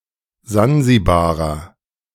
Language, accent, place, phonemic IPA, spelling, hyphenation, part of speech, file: German, Germany, Berlin, /ˈzanzibaːʁɐ/, Sansibarer, San‧si‧ba‧rer, noun, De-Sansibarer.ogg
- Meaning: Zanzibari